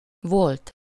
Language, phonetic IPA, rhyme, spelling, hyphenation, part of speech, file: Hungarian, [ˈvolt], -olt, volt, volt, verb / adjective / particle / noun, Hu-volt.ogg
- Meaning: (verb) 1. third-person singular indicative past indefinite of van 2. past participle of van; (adjective) ex-, former, late, past, sometime